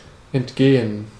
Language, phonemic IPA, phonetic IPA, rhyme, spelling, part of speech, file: German, /ɛntˈɡeːən/, [ʔɛntˈɡeːn], -eːən, entgehen, verb, De-entgehen.ogg
- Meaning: 1. to slip past (someone) 2. to escape notice